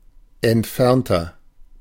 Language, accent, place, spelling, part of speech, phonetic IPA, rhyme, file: German, Germany, Berlin, entfernter, adjective, [ɛntˈfɛʁntɐ], -ɛʁntɐ, De-entfernter.ogg
- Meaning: 1. comparative degree of entfernt 2. inflection of entfernt: strong/mixed nominative masculine singular 3. inflection of entfernt: strong genitive/dative feminine singular